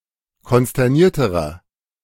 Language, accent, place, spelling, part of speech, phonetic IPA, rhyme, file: German, Germany, Berlin, konsternierterer, adjective, [kɔnstɛʁˈniːɐ̯təʁɐ], -iːɐ̯təʁɐ, De-konsternierterer.ogg
- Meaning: inflection of konsterniert: 1. strong/mixed nominative masculine singular comparative degree 2. strong genitive/dative feminine singular comparative degree 3. strong genitive plural comparative degree